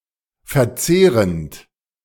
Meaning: present participle of verzehren
- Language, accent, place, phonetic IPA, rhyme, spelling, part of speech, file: German, Germany, Berlin, [fɛɐ̯ˈt͡seːʁənt], -eːʁənt, verzehrend, verb, De-verzehrend.ogg